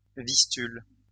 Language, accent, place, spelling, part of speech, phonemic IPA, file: French, France, Lyon, Vistule, proper noun, /vis.tyl/, LL-Q150 (fra)-Vistule.wav
- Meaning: Vistula (Polish river)